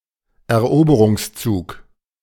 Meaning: conquest, invasion
- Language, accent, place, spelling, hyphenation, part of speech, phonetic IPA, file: German, Germany, Berlin, Eroberungszug, Er‧obe‧rungs‧zug, noun, [ɛɐ̯ˈʔoːbəʀʊŋsˌt͡suːk], De-Eroberungszug.ogg